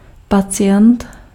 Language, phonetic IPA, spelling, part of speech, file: Czech, [ˈpat͡sɪjɛnt], pacient, noun, Cs-pacient.ogg
- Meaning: patient